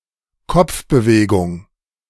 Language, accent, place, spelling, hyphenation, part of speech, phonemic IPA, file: German, Germany, Berlin, Kopfbewegung, Kopf‧be‧we‧gung, noun, /ˈkɔp͡fbəˌveːɡʊŋ/, De-Kopfbewegung.ogg
- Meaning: a movement of the head